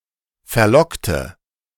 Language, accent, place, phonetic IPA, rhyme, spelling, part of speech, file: German, Germany, Berlin, [fɛɐ̯ˈlɔktə], -ɔktə, verlockte, adjective / verb, De-verlockte.ogg
- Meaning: inflection of verlocken: 1. first/third-person singular preterite 2. first/third-person singular subjunctive II